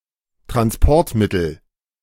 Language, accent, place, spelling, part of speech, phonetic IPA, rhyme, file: German, Germany, Berlin, Transportmittel, noun, [tʁansˈpɔʁtˌmɪtl̩], -ɔʁtmɪtl̩, De-Transportmittel.ogg
- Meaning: transportation, means of transport